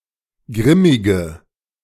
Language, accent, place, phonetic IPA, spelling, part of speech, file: German, Germany, Berlin, [ˈɡʁɪmɪɡə], grimmige, adjective, De-grimmige.ogg
- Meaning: inflection of grimmig: 1. strong/mixed nominative/accusative feminine singular 2. strong nominative/accusative plural 3. weak nominative all-gender singular 4. weak accusative feminine/neuter singular